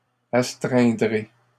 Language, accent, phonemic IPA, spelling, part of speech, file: French, Canada, /as.tʁɛ̃.dʁe/, astreindrai, verb, LL-Q150 (fra)-astreindrai.wav
- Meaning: first-person singular simple future of astreindre